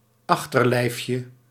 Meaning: diminutive of achterlijf
- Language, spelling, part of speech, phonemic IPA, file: Dutch, achterlijfje, noun, /ˈɑxtərlɛɪfjə/, Nl-achterlijfje.ogg